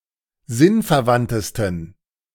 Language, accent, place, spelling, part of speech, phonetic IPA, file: German, Germany, Berlin, sinnverwandtesten, adjective, [ˈzɪnfɛɐ̯ˌvantəstn̩], De-sinnverwandtesten.ogg
- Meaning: 1. superlative degree of sinnverwandt 2. inflection of sinnverwandt: strong genitive masculine/neuter singular superlative degree